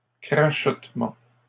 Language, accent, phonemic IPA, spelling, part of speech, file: French, Canada, /kʁa.ʃɔt.mɑ̃/, crachotements, noun, LL-Q150 (fra)-crachotements.wav
- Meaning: plural of crachotement